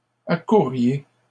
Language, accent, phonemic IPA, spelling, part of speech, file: French, Canada, /a.kuʁ.ʁje/, accourriez, verb, LL-Q150 (fra)-accourriez.wav
- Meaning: second-person plural conditional of accourir